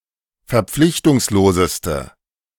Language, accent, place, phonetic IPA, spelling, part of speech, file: German, Germany, Berlin, [fɛɐ̯ˈp͡flɪçtʊŋsloːzəstə], verpflichtungsloseste, adjective, De-verpflichtungsloseste.ogg
- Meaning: inflection of verpflichtungslos: 1. strong/mixed nominative/accusative feminine singular superlative degree 2. strong nominative/accusative plural superlative degree